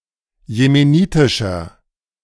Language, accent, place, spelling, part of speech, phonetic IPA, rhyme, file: German, Germany, Berlin, jemenitischer, adjective, [jemeˈniːtɪʃɐ], -iːtɪʃɐ, De-jemenitischer.ogg
- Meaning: inflection of jemenitisch: 1. strong/mixed nominative masculine singular 2. strong genitive/dative feminine singular 3. strong genitive plural